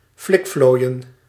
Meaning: 1. to butter up, flatter hoping for profit in return 2. to practice flattery, sycophancy 3. to resort to dubious methods or ploys
- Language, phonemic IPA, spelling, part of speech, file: Dutch, /ˈflɪkfloːi̯ə(n)/, flikflooien, verb, Nl-flikflooien.ogg